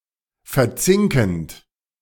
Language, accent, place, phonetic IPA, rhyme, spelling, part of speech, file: German, Germany, Berlin, [fɛɐ̯ˈt͡sɪŋkn̩t], -ɪŋkn̩t, verzinkend, verb, De-verzinkend.ogg
- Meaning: present participle of verzinken